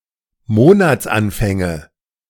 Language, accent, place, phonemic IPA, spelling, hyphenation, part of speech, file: German, Germany, Berlin, /ˈmoːnat͡sˌanfɛŋə/, Monatsanfänge, Mo‧nats‧an‧fän‧ge, noun, De-Monatsanfänge.ogg
- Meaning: nominative/accusative/genitive plural of Monatsanfang